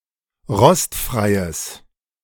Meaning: strong/mixed nominative/accusative neuter singular of rostfrei
- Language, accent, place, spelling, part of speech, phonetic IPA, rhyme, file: German, Germany, Berlin, rostfreies, adjective, [ˈʁɔstfʁaɪ̯əs], -ɔstfʁaɪ̯əs, De-rostfreies.ogg